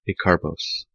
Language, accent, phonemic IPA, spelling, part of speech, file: English, General American, /eɪˈkɑɹˌboʊs/, acarbose, noun, En-us-acarbose.ogg